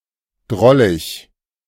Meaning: droll; endearing
- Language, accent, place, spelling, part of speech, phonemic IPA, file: German, Germany, Berlin, drollig, adjective, /ˈdʁɔlɪç/, De-drollig.ogg